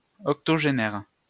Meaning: octogenarian
- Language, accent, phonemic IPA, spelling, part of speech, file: French, France, /ɔk.tɔ.ʒe.nɛʁ/, octogénaire, noun, LL-Q150 (fra)-octogénaire.wav